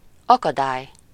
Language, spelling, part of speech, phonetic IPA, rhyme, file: Hungarian, akadály, noun, [ˈɒkɒdaːj], -aːj, Hu-akadály.ogg
- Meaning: obstacle, hindrance